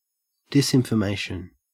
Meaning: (noun) False information intentionally disseminated to deliberately confuse or mislead; intentional misinformation
- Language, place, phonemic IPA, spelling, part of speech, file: English, Queensland, /ˌdɪsɪnfəˈmæɪʃ(ə)n/, disinformation, noun / verb, En-au-disinformation.ogg